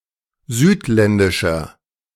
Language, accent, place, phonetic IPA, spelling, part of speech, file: German, Germany, Berlin, [ˈzyːtˌlɛndɪʃɐ], südländischer, adjective, De-südländischer.ogg
- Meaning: inflection of südländisch: 1. strong/mixed nominative masculine singular 2. strong genitive/dative feminine singular 3. strong genitive plural